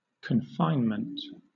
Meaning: 1. The act of confining or the state of being confined 2. Lying-in, time of giving birth 3. lockdown
- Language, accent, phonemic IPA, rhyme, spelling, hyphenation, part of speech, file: English, Southern England, /kənˈfaɪnmənt/, -aɪnmənt, confinement, con‧fine‧ment, noun, LL-Q1860 (eng)-confinement.wav